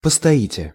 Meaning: second-person plural future indicative perfective of постоя́ть (postojátʹ)
- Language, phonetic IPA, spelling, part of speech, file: Russian, [pəstɐˈitʲe], постоите, verb, Ru-постоите.ogg